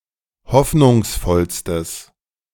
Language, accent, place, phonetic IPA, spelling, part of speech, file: German, Germany, Berlin, [ˈhɔfnʊŋsˌfɔlstəs], hoffnungsvollstes, adjective, De-hoffnungsvollstes.ogg
- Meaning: strong/mixed nominative/accusative neuter singular superlative degree of hoffnungsvoll